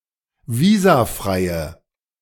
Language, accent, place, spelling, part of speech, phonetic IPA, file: German, Germany, Berlin, visafreie, adjective, [ˈviːzaˌfʁaɪ̯ə], De-visafreie.ogg
- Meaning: inflection of visafrei: 1. strong/mixed nominative/accusative feminine singular 2. strong nominative/accusative plural 3. weak nominative all-gender singular